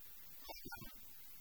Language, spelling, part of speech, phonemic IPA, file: Tamil, அவன், pronoun, /ɐʋɐn/, Ta-அவன்.ogg
- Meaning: he, that (male) person